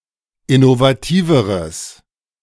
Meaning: strong/mixed nominative/accusative neuter singular comparative degree of innovativ
- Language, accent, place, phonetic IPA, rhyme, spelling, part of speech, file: German, Germany, Berlin, [ɪnovaˈtiːvəʁəs], -iːvəʁəs, innovativeres, adjective, De-innovativeres.ogg